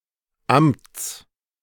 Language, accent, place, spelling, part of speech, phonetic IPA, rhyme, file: German, Germany, Berlin, Amts, noun, [amt͡s], -amt͡s, De-Amts.ogg
- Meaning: genitive singular of Amt